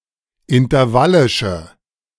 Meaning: inflection of intervallisch: 1. strong/mixed nominative/accusative feminine singular 2. strong nominative/accusative plural 3. weak nominative all-gender singular
- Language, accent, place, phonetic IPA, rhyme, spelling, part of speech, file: German, Germany, Berlin, [ɪntɐˈvalɪʃə], -alɪʃə, intervallische, adjective, De-intervallische.ogg